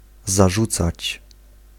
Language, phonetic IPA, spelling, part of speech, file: Polish, [zaˈʒut͡sat͡ɕ], zarzucać, verb, Pl-zarzucać.ogg